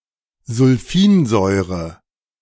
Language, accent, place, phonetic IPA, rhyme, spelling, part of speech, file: German, Germany, Berlin, [zʊlˈfiːnˌzɔɪ̯ʁə], -iːnzɔɪ̯ʁə, Sulfinsäure, noun, De-Sulfinsäure.ogg
- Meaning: sulfinic acid